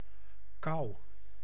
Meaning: 1. cold (low temperature) 2. cold (illness)
- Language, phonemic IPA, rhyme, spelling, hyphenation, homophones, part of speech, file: Dutch, /kɑu̯/, -ɑu̯, kou, kou, kauw / kouw, noun, Nl-kou.ogg